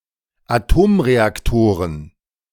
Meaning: dative plural of Atomreaktor
- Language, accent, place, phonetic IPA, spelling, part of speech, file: German, Germany, Berlin, [aˈtoːmʁeakˌtoːʁən], Atomreaktoren, noun, De-Atomreaktoren.ogg